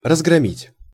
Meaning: 1. to smash up, to raid, to sack, to loot 2. to rout, to smash, to pound, to defeat, to destroy 3. to attack, to pan, to inveigh (against), to fulminate (against)
- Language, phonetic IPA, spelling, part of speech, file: Russian, [rəzɡrɐˈmʲitʲ], разгромить, verb, Ru-разгромить.ogg